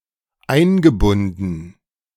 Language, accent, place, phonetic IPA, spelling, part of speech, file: German, Germany, Berlin, [ˈaɪ̯nɡəˌbʊndn̩], eingebunden, verb, De-eingebunden.ogg
- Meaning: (verb) past participle of einbinden; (adjective) 1. integrated (into) 2. involved (with)